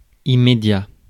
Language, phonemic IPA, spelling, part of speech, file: French, /i.me.dja/, immédiat, adjective / noun, Fr-immédiat.ogg
- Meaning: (adjective) immediate; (noun) time being